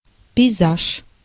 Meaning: 1. landscape 2. a landscape painting
- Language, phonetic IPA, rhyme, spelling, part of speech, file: Russian, [pʲɪjˈzaʂ], -aʂ, пейзаж, noun, Ru-пейзаж.ogg